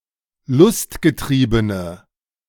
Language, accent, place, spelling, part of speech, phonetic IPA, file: German, Germany, Berlin, lustgetriebene, adjective, [ˈlʊstɡəˌtʁiːbənə], De-lustgetriebene.ogg
- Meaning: inflection of lustgetrieben: 1. strong/mixed nominative/accusative feminine singular 2. strong nominative/accusative plural 3. weak nominative all-gender singular